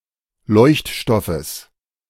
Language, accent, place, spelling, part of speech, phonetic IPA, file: German, Germany, Berlin, Leuchtstoffes, noun, [ˈlɔɪ̯çtˌʃtɔfəs], De-Leuchtstoffes.ogg
- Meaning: genitive singular of Leuchtstoff